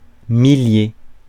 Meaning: thousand; a number of about a thousand
- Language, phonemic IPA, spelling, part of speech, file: French, /mi.lje/, millier, noun, Fr-millier.ogg